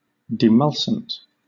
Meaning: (adjective) Soothing or softening; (noun) A soothing medication used to relieve pain in inflamed tissues
- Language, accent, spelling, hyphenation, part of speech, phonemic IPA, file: English, Southern England, demulcent, de‧mul‧cent, adjective / noun, /dɪˈmʌls(ə)nt/, LL-Q1860 (eng)-demulcent.wav